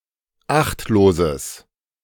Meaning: strong/mixed nominative/accusative neuter singular of achtlos
- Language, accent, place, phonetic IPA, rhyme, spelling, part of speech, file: German, Germany, Berlin, [ˈaxtloːzəs], -axtloːzəs, achtloses, adjective, De-achtloses.ogg